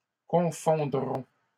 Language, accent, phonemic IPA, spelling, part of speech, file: French, Canada, /kɔ̃.fɔ̃.dʁɔ̃/, confondrons, verb, LL-Q150 (fra)-confondrons.wav
- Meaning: first-person plural future of confondre